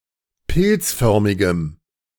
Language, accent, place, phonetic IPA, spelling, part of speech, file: German, Germany, Berlin, [ˈpɪlt͡sˌfœʁmɪɡəm], pilzförmigem, adjective, De-pilzförmigem.ogg
- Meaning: strong dative masculine/neuter singular of pilzförmig